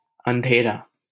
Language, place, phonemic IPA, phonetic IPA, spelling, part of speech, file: Hindi, Delhi, /ən.d̪ʱeː.ɾɑː/, [ɐ̃n̪.d̪ʱeː.ɾäː], अंधेरा, adjective / noun, LL-Q1568 (hin)-अंधेरा.wav
- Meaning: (adjective) alternative spelling of अँधेरा (andherā)